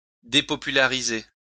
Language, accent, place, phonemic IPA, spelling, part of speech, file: French, France, Lyon, /de.pɔ.py.la.ʁi.ze/, dépopulariser, verb, LL-Q150 (fra)-dépopulariser.wav
- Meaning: 1. to render unpopular 2. to become unpopular